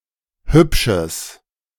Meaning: strong/mixed nominative/accusative neuter singular of hübsch
- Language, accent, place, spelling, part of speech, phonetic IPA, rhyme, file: German, Germany, Berlin, hübsches, adjective, [ˈhʏpʃəs], -ʏpʃəs, De-hübsches.ogg